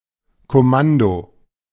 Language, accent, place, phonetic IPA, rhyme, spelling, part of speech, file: German, Germany, Berlin, [kɔˈmando], -ando, Kommando, noun, De-Kommando.ogg
- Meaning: 1. command 2. commando 3. command pattern